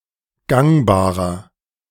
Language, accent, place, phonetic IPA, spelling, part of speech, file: German, Germany, Berlin, [ˈɡaŋbaːʁɐ], gangbarer, adjective, De-gangbarer.ogg
- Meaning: 1. comparative degree of gangbar 2. inflection of gangbar: strong/mixed nominative masculine singular 3. inflection of gangbar: strong genitive/dative feminine singular